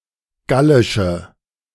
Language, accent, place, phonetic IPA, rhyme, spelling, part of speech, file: German, Germany, Berlin, [ˈɡalɪʃə], -alɪʃə, gallische, adjective, De-gallische.ogg
- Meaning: inflection of gallisch: 1. strong/mixed nominative/accusative feminine singular 2. strong nominative/accusative plural 3. weak nominative all-gender singular